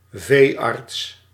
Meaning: a veterinarian, mainly used for one treating farm animals
- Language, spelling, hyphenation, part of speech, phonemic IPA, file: Dutch, veearts, vee‧arts, noun, /ˈveː.ɑrts/, Nl-veearts.ogg